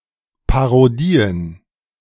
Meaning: plural of Parodie
- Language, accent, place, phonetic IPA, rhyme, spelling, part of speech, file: German, Germany, Berlin, [paʁoˈdiːən], -iːən, Parodien, noun, De-Parodien.ogg